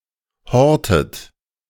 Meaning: inflection of horten: 1. second-person plural present 2. second-person plural subjunctive I 3. third-person singular present 4. plural imperative
- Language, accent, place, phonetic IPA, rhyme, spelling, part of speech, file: German, Germany, Berlin, [ˈhɔʁtət], -ɔʁtət, hortet, verb, De-hortet.ogg